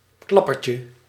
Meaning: diminutive of klapper
- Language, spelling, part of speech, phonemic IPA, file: Dutch, klappertje, noun, /ˈklɑpərcə/, Nl-klappertje.ogg